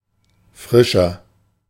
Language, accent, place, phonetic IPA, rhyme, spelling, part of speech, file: German, Germany, Berlin, [ˈfʁɪʃɐ], -ɪʃɐ, frischer, adjective, De-frischer.ogg
- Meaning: 1. comparative degree of frisch 2. inflection of frisch: strong/mixed nominative masculine singular 3. inflection of frisch: strong genitive/dative feminine singular